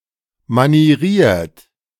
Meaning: mannered, affected
- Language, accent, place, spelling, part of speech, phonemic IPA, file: German, Germany, Berlin, manieriert, adjective, /maniˈʁiːɐ̯t/, De-manieriert.ogg